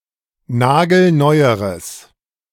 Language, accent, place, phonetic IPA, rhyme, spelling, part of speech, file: German, Germany, Berlin, [ˈnaːɡl̩ˈnɔɪ̯əʁəs], -ɔɪ̯əʁəs, nagelneueres, adjective, De-nagelneueres.ogg
- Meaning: strong/mixed nominative/accusative neuter singular comparative degree of nagelneu